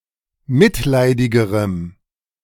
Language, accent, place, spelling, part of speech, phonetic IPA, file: German, Germany, Berlin, mitleidigerem, adjective, [ˈmɪtˌlaɪ̯dɪɡəʁəm], De-mitleidigerem.ogg
- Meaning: strong dative masculine/neuter singular comparative degree of mitleidig